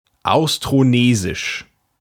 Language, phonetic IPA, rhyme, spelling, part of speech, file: German, [aʊ̯stʁoˈneːzɪʃ], -eːzɪʃ, austronesisch, adjective, De-austronesisch.ogg
- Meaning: Austronesian